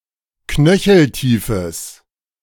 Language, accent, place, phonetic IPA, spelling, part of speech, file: German, Germany, Berlin, [ˈknœçl̩ˌtiːfəs], knöcheltiefes, adjective, De-knöcheltiefes.ogg
- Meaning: strong/mixed nominative/accusative neuter singular of knöcheltief